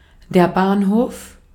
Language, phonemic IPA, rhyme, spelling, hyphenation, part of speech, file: German, /ˈbaːnˌhoːf/, -oːf, Bahnhof, Bahn‧hof, noun, De-at-Bahnhof.ogg
- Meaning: railway depot, railroad station, railway station, train station